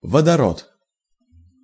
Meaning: hydrogen
- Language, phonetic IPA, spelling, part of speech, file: Russian, [vədɐˈrot], водород, noun, Ru-водород.ogg